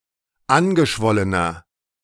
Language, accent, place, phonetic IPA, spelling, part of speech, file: German, Germany, Berlin, [ˈanɡəˌʃvɔlənɐ], angeschwollener, adjective, De-angeschwollener.ogg
- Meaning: inflection of angeschwollen: 1. strong/mixed nominative masculine singular 2. strong genitive/dative feminine singular 3. strong genitive plural